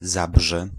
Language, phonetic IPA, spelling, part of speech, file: Polish, [ˈzabʒɛ], Zabrze, proper noun, Pl-Zabrze.ogg